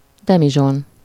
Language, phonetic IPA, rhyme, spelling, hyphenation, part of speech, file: Hungarian, [ˈdɛmiʒon], -on, demizson, de‧mi‧zson, noun, Hu-demizson.ogg
- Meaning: demijohn (a large bottle with a short neck, with a handle at the neck, encased in wickerwork)